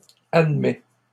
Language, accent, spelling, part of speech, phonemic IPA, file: French, Canada, admets, verb, /ad.mɛ/, LL-Q150 (fra)-admets.wav
- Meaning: inflection of admettre: 1. first/second-person singular present indicative 2. second-person singular imperative